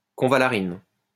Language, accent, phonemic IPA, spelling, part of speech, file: French, France, /kɔ̃.va.la.ʁin/, convallarine, noun, LL-Q150 (fra)-convallarine.wav
- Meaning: convallarin